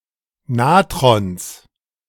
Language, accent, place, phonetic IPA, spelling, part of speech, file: German, Germany, Berlin, [ˈnaːtʁɔns], Natrons, noun, De-Natrons.ogg
- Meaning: genitive singular of Natron